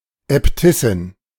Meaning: abbess (superior of an independent convent of nuns)
- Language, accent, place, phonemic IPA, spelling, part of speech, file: German, Germany, Berlin, /ɛpˈtɪsɪn/, Äbtissin, noun, De-Äbtissin.ogg